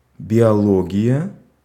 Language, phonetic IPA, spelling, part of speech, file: Russian, [bʲɪɐˈɫoɡʲɪjə], биология, noun, Ru-биология.ogg
- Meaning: biology